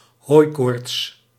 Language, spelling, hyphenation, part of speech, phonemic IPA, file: Dutch, hooikoorts, hooi‧koorts, noun, /ˈɦoːi̯.koːrts/, Nl-hooikoorts.ogg
- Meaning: hay fever